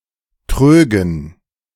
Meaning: dative plural of Trog
- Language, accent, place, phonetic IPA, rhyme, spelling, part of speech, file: German, Germany, Berlin, [ˈtʁøːɡn̩], -øːɡn̩, Trögen, noun, De-Trögen.ogg